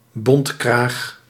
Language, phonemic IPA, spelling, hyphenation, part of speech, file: Dutch, /ˈbɔnt.kraːx/, bontkraag, bont‧kraag, noun, Nl-bontkraag.ogg
- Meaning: fur collar